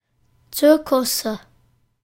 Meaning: nominative/accusative/genitive plural of Zirkus
- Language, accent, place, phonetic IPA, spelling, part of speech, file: German, Germany, Berlin, [ˈt͡sɪʁkʊsə], Zirkusse, noun, De-Zirkusse.ogg